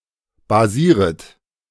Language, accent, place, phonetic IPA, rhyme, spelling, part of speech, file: German, Germany, Berlin, [baˈziːʁət], -iːʁət, basieret, verb, De-basieret.ogg
- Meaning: second-person plural subjunctive I of basieren